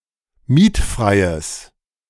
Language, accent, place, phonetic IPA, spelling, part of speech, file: German, Germany, Berlin, [ˈmiːtˌfʁaɪ̯əs], mietfreies, adjective, De-mietfreies.ogg
- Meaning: strong/mixed nominative/accusative neuter singular of mietfrei